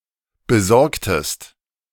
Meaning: inflection of besorgen: 1. second-person singular preterite 2. second-person singular subjunctive II
- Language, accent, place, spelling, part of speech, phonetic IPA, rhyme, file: German, Germany, Berlin, besorgtest, verb, [bəˈzɔʁktəst], -ɔʁktəst, De-besorgtest.ogg